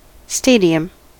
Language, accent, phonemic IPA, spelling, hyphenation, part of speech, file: English, US, /ˈsteɪ.di.əm/, stadium, sta‧di‧um, noun, En-us-stadium.ogg
- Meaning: 1. A venue where sporting events are held 2. An Ancient Greek racecourse, especially, the Olympic course for foot races 3. Synonym of stadion, a Greek unit of length equivalent to about 185 m